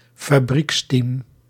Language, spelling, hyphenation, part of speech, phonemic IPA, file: Dutch, fabrieksteam, fa‧brieks‧team, noun, /faˈbrikstiːm/, Nl-fabrieksteam.ogg
- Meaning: factory-backed team